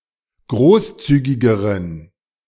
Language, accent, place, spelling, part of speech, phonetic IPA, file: German, Germany, Berlin, großzügigeren, adjective, [ˈɡʁoːsˌt͡syːɡɪɡəʁən], De-großzügigeren.ogg
- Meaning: inflection of großzügig: 1. strong genitive masculine/neuter singular comparative degree 2. weak/mixed genitive/dative all-gender singular comparative degree